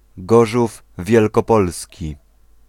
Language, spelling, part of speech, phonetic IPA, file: Polish, Gorzów Wielkopolski, proper noun, [ˈɡɔʒuv ˌvʲjɛlkɔˈpɔlsʲci], Pl-Gorzów Wielkopolski.ogg